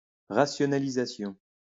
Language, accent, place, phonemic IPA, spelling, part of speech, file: French, France, Lyon, /ʁa.sjɔ.na.li.za.sjɔ̃/, rationalisation, noun, LL-Q150 (fra)-rationalisation.wav
- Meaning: rationalisation